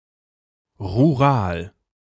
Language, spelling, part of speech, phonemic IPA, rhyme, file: German, rural, adjective, /ʁuˈʁaːl/, -aːl, De-rural.ogg
- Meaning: rural